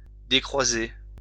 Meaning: 1. to uncross 2. to unfold
- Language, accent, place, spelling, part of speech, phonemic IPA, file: French, France, Lyon, décroiser, verb, /de.kʁwa.ze/, LL-Q150 (fra)-décroiser.wav